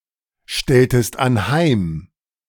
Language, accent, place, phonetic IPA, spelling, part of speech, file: German, Germany, Berlin, [ˌʃtɛltəst anˈhaɪ̯m], stelltest anheim, verb, De-stelltest anheim.ogg
- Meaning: inflection of anheimstellen: 1. second-person singular preterite 2. second-person singular subjunctive II